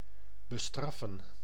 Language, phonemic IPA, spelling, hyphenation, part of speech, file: Dutch, /bəˈstrɑfə(n)/, bestraffen, be‧straf‧fen, verb, Nl-bestraffen.ogg
- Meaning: to punish